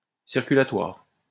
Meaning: circulatory
- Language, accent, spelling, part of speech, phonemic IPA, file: French, France, circulatoire, adjective, /siʁ.ky.la.twaʁ/, LL-Q150 (fra)-circulatoire.wav